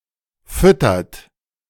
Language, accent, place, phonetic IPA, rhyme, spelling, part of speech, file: German, Germany, Berlin, [ˈfʏtɐt], -ʏtɐt, füttert, verb, De-füttert.ogg
- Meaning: inflection of füttern: 1. third-person singular present 2. second-person plural present 3. plural imperative